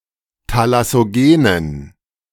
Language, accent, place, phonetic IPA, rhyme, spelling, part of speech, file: German, Germany, Berlin, [talasoˈɡeːnən], -eːnən, thalassogenen, adjective, De-thalassogenen.ogg
- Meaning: inflection of thalassogen: 1. strong genitive masculine/neuter singular 2. weak/mixed genitive/dative all-gender singular 3. strong/weak/mixed accusative masculine singular 4. strong dative plural